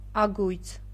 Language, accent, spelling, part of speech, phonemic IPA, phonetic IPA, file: Armenian, Eastern Armenian, ագույց, noun, /ɑˈɡujt͡sʰ/, [ɑɡújt͡sʰ], Hy-ագույց.ogg
- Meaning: 1. hoop, ring 2. groove, rabbet 3. a long metal rod put through hoops on kettles or pans for lowering those into tandoors